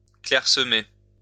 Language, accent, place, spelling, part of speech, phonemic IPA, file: French, France, Lyon, clairsemer, verb, /klɛʁ.sə.me/, LL-Q150 (fra)-clairsemer.wav
- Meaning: 1. to dwindle 2. to disperse, scatter 3. to thin out